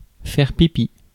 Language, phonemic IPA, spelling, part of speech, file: French, /fɛʁ pi.pi/, faire pipi, verb, Fr-faire-pipi.ogg
- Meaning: to wee (urinate)